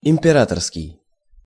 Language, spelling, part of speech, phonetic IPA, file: Russian, императорский, adjective, [ɪm⁽ʲ⁾pʲɪˈratərskʲɪj], Ru-императорский.ogg
- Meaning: emperor's, empress's; imperial